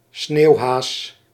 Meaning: mountain hare (Lepus timidus)
- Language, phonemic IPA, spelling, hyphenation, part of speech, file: Dutch, /ˈsneːu̯.ɦaːs/, sneeuwhaas, sneeuw‧haas, noun, Nl-sneeuwhaas.ogg